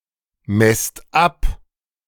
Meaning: inflection of abmessen: 1. second-person plural present 2. plural imperative
- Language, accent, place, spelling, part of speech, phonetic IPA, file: German, Germany, Berlin, messt ab, verb, [ˌmɛst ˈap], De-messt ab.ogg